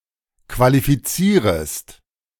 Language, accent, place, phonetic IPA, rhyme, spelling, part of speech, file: German, Germany, Berlin, [kvalifiˈt͡siːʁəst], -iːʁəst, qualifizierest, verb, De-qualifizierest.ogg
- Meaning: second-person singular subjunctive I of qualifizieren